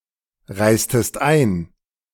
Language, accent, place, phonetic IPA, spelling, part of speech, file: German, Germany, Berlin, [ˌʁaɪ̯stəst ˈaɪ̯n], reistest ein, verb, De-reistest ein.ogg
- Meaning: inflection of einreisen: 1. second-person singular preterite 2. second-person singular subjunctive II